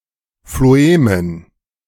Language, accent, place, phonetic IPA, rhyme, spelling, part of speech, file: German, Germany, Berlin, [floˈeːmən], -eːmən, Phloemen, noun, De-Phloemen.ogg
- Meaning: dative plural of Phloem